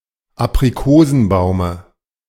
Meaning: dative singular of Aprikosenbaum
- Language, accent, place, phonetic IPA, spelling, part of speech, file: German, Germany, Berlin, [apʁiˈkoːzn̩ˌbaʊ̯mə], Aprikosenbaume, noun, De-Aprikosenbaume.ogg